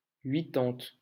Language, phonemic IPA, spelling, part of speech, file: French, /ɥi.tɑ̃t/, huitante, numeral, LL-Q150 (fra)-huitante.wav
- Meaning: eighty